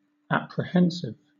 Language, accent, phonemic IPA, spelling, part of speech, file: English, Southern England, /ˌæpɹɪˈhɛnsɪv/, apprehensive, adjective / noun, LL-Q1860 (eng)-apprehensive.wav
- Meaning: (adjective) 1. Anticipating something with anxiety, fear, or doubt; reluctant 2. Perceptive; quick to learn; capable of understanding using one's intellect